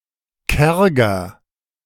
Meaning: comparative degree of karg
- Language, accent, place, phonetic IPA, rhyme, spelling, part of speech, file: German, Germany, Berlin, [ˈkɛʁɡɐ], -ɛʁɡɐ, kärger, adjective, De-kärger.ogg